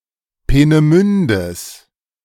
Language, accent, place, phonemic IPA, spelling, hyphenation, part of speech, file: German, Germany, Berlin, /ˌpeːnəˈmʏndəs/, Peenemündes, Pee‧ne‧mün‧des, noun, De-Peenemündes.ogg
- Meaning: genitive singular of Peenemünde